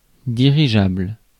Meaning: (adjective) directable; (noun) dirigible, blimp
- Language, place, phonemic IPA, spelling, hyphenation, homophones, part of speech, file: French, Paris, /di.ʁi.ʒabl/, dirigeable, di‧ri‧geable, dirigeables, adjective / noun, Fr-dirigeable.ogg